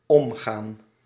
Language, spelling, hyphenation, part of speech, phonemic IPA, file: Dutch, omgaan, om‧gaan, verb, /ˈɔmˌɣaːn/, Nl-omgaan.ogg
- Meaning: 1. to go around 2. to pass 3. to handle, to cope, to deal 4. to associate socially